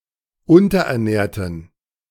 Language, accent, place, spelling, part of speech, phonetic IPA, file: German, Germany, Berlin, unterernährten, adjective, [ˈʊntɐʔɛɐ̯ˌnɛːɐ̯tn̩], De-unterernährten.ogg
- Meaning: inflection of unterernährt: 1. strong genitive masculine/neuter singular 2. weak/mixed genitive/dative all-gender singular 3. strong/weak/mixed accusative masculine singular 4. strong dative plural